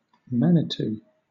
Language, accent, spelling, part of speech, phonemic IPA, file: English, Southern England, manitou, noun, /ˈmanɪtuː/, LL-Q1860 (eng)-manitou.wav
- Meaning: A god or spirit as the object of religious awe or ritual among some American Indians